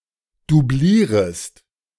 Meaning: second-person singular subjunctive I of doublieren
- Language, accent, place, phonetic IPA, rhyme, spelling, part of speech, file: German, Germany, Berlin, [duˈbliːʁəst], -iːʁəst, doublierest, verb, De-doublierest.ogg